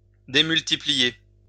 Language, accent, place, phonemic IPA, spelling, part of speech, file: French, France, Lyon, /de.myl.ti.pli.je/, démultiplier, verb, LL-Q150 (fra)-démultiplier.wav
- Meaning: 1. to lever or multiply 2. to gear up